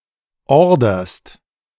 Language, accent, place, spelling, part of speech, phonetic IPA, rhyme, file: German, Germany, Berlin, orderst, verb, [ˈɔʁdɐst], -ɔʁdɐst, De-orderst.ogg
- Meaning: second-person singular present of ordern